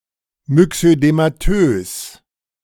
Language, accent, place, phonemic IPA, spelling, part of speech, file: German, Germany, Berlin, /mʏksødemaˈtøːs/, myxödematös, adjective, De-myxödematös.ogg
- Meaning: myxedematous